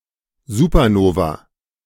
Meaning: supernova
- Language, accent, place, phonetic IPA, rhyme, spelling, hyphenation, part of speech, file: German, Germany, Berlin, [zuːpɐˈnoːva], -oːva, Supernova, Su‧per‧no‧va, noun, De-Supernova.ogg